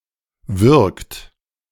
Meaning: inflection of würgen: 1. third-person singular present 2. second-person plural present 3. plural imperative
- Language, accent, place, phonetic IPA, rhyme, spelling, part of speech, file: German, Germany, Berlin, [vʏʁkt], -ʏʁkt, würgt, verb, De-würgt.ogg